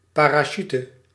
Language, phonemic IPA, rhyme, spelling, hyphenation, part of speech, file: Dutch, /ˌpaː.raːˈʃyt/, -yt, parachute, pa‧ra‧chute, noun, Nl-parachute.ogg
- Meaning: parachute